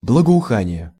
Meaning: fragrance, aroma (a pleasant smell)
- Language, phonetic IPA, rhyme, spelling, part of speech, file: Russian, [bɫəɡəʊˈxanʲɪje], -anʲɪje, благоухание, noun, Ru-благоухание.ogg